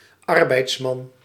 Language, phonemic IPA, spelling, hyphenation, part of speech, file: Dutch, /ˈɑr.bɛi̯tsˌmɑn/, arbeidsman, ar‧beids‧man, noun, Nl-arbeidsman.ogg
- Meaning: workman, male worker